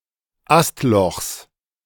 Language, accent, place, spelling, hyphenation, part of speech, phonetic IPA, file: German, Germany, Berlin, Astlochs, Ast‧lochs, noun, [ˈastˌlɔxs], De-Astlochs.ogg
- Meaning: genitive singular of Astloch